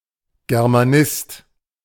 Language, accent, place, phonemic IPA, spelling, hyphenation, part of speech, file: German, Germany, Berlin, /ɡɛʁmaˈnɪst/, Germanist, Ger‧ma‧nist, noun, De-Germanist.ogg
- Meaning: A scholar of or proponent of Germanic law, especially one emphasising a distinction to Roman law